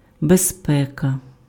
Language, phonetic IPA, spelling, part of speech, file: Ukrainian, [bezˈpɛkɐ], безпека, noun, Uk-безпека.ogg
- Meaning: 1. safety (condition or feeling of being safe) 2. security